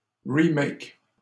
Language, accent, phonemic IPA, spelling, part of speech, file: French, Canada, /ʁi.mɛk/, remakes, noun, LL-Q150 (fra)-remakes.wav
- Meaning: plural of remake